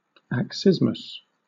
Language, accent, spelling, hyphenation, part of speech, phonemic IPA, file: English, Southern England, accismus, ac‧cis‧mus, noun, /ækˈsɪzməs/, LL-Q1860 (eng)-accismus.wav
- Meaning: The feigning of disinterest in something while actually desiring it